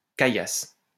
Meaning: Loose stones, gravel
- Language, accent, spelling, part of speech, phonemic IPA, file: French, France, caillasse, noun, /ka.jas/, LL-Q150 (fra)-caillasse.wav